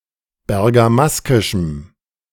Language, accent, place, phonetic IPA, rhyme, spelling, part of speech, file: German, Germany, Berlin, [bɛʁɡaˈmaskɪʃm̩], -askɪʃm̩, bergamaskischem, adjective, De-bergamaskischem.ogg
- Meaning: strong dative masculine/neuter singular of bergamaskisch